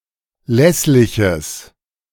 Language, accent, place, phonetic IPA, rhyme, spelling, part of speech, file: German, Germany, Berlin, [ˈlɛslɪçəs], -ɛslɪçəs, lässliches, adjective, De-lässliches.ogg
- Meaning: strong/mixed nominative/accusative neuter singular of lässlich